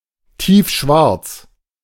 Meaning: ebony (colour), deep / inky black
- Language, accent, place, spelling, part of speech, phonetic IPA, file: German, Germany, Berlin, tiefschwarz, adjective, [ˈtiːfˌʃvaʁt͡s], De-tiefschwarz.ogg